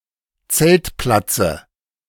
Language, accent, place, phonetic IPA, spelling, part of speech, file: German, Germany, Berlin, [ˈt͡sɛltˌplat͡sə], Zeltplatze, noun, De-Zeltplatze.ogg
- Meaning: dative of Zeltplatz